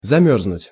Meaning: 1. to freeze 2. to freeze, to congeal 3. to be cold, to freeze, to feel cold 4. to freeze to death
- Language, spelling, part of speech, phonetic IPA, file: Russian, замёрзнуть, verb, [zɐˈmʲɵrznʊtʲ], Ru-замёрзнуть.ogg